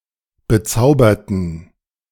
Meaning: inflection of bezaubert: 1. strong genitive masculine/neuter singular 2. weak/mixed genitive/dative all-gender singular 3. strong/weak/mixed accusative masculine singular 4. strong dative plural
- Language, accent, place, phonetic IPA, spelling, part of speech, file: German, Germany, Berlin, [bəˈt͡saʊ̯bɐtn̩], bezauberten, adjective / verb, De-bezauberten.ogg